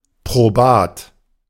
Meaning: appropriate; suitable; proven
- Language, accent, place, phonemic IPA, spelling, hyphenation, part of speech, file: German, Germany, Berlin, /pʁoˈbaːt/, probat, pro‧bat, adjective, De-probat.ogg